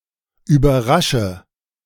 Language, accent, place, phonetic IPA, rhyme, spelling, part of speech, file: German, Germany, Berlin, [yːbɐˈʁaʃə], -aʃə, überrasche, verb, De-überrasche.ogg
- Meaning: inflection of überraschen: 1. first-person singular present 2. first/third-person singular subjunctive I 3. singular imperative